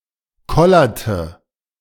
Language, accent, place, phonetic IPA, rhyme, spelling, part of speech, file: German, Germany, Berlin, [ˈkɔlɐtə], -ɔlɐtə, kollerte, verb, De-kollerte.ogg
- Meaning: inflection of kollern: 1. first/third-person singular preterite 2. first/third-person singular subjunctive II